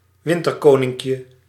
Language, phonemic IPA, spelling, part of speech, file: Dutch, /ˈwɪntərˌkonɪŋkjə/, winterkoninkje, noun, Nl-winterkoninkje.ogg
- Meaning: diminutive of winterkoning